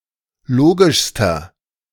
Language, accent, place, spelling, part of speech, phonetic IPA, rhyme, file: German, Germany, Berlin, logischster, adjective, [ˈloːɡɪʃstɐ], -oːɡɪʃstɐ, De-logischster.ogg
- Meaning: inflection of logisch: 1. strong/mixed nominative masculine singular superlative degree 2. strong genitive/dative feminine singular superlative degree 3. strong genitive plural superlative degree